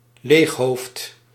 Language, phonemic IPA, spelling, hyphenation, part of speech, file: Dutch, /ˈleːx.ɦoːft/, leeghoofd, leeg‧hoofd, noun, Nl-leeghoofd.ogg
- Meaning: airhead, birdbrain